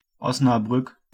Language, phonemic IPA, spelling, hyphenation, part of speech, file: German, /ˌɔsnaˈbʁʏk/, Osnabrück, Os‧na‧brück, proper noun, De-Osnabrück.ogg
- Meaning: Osnabrück (an independent city in Lower Saxony, Germany)